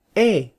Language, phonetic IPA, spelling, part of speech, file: Spanish, [e], E, character, Letter e es es.flac